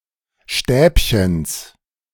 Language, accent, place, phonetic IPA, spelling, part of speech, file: German, Germany, Berlin, [ˈʃtɛːpçəns], Stäbchens, noun, De-Stäbchens.ogg
- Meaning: genitive singular of Stäbchen